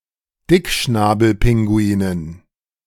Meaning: dative plural of Dickschnabelpinguin
- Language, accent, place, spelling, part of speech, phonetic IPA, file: German, Germany, Berlin, Dickschnabelpinguinen, noun, [ˈdɪkʃnaːbl̩ˌpɪŋɡuiːnən], De-Dickschnabelpinguinen.ogg